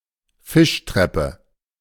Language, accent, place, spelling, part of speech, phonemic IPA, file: German, Germany, Berlin, Fischtreppe, noun, /ˈfɪʃtʁɛpə/, De-Fischtreppe.ogg
- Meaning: fish ladder